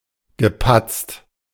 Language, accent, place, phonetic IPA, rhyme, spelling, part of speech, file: German, Germany, Berlin, [ɡəˈpat͡st], -at͡st, gepatzt, verb, De-gepatzt.ogg
- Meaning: past participle of patzen